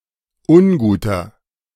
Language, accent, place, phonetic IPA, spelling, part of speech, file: German, Germany, Berlin, [ˈʊnˌɡuːtɐ], unguter, adjective, De-unguter.ogg
- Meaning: inflection of ungut: 1. strong/mixed nominative masculine singular 2. strong genitive/dative feminine singular 3. strong genitive plural